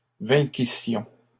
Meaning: first-person plural imperfect subjunctive of vaincre
- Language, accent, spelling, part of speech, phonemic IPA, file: French, Canada, vainquissions, verb, /vɛ̃.ki.sjɔ̃/, LL-Q150 (fra)-vainquissions.wav